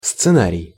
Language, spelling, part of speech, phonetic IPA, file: Russian, сценарий, noun, [st͡sɨˈnarʲɪj], Ru-сценарий.ogg
- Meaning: 1. scenario (outline or model of an expected or supposed sequence of events) 2. script (text of the dialogue and action for a drama) 3. scenery